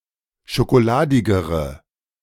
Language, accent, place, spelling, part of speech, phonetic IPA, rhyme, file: German, Germany, Berlin, schokoladigere, adjective, [ʃokoˈlaːdɪɡəʁə], -aːdɪɡəʁə, De-schokoladigere.ogg
- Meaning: inflection of schokoladig: 1. strong/mixed nominative/accusative feminine singular comparative degree 2. strong nominative/accusative plural comparative degree